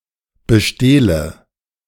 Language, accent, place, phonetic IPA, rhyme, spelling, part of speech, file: German, Germany, Berlin, [bəˈʃteːlə], -eːlə, bestehle, verb, De-bestehle.ogg
- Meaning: inflection of bestehlen: 1. first-person singular present 2. first/third-person singular subjunctive I